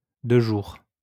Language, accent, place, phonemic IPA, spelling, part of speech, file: French, France, Lyon, /də ʒuʁ/, de jour, adverb, LL-Q150 (fra)-de jour.wav
- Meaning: during the day, by day